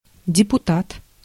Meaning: deputy, assemblyman, delegate
- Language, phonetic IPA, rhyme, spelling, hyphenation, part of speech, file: Russian, [dʲɪpʊˈtat], -at, депутат, де‧пу‧тат, noun, Ru-депутат.ogg